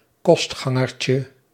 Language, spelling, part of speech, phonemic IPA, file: Dutch, kostgangertje, noun, /ˈkɔs(t)xɑŋərcə/, Nl-kostgangertje.ogg
- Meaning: diminutive of kostganger